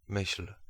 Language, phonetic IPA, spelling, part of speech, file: Polish, [mɨɕl̥], myśl, noun / verb, Pl-myśl.ogg